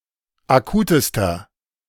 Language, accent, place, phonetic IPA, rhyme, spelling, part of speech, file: German, Germany, Berlin, [aˈkuːtəstɐ], -uːtəstɐ, akutester, adjective, De-akutester.ogg
- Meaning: inflection of akut: 1. strong/mixed nominative masculine singular superlative degree 2. strong genitive/dative feminine singular superlative degree 3. strong genitive plural superlative degree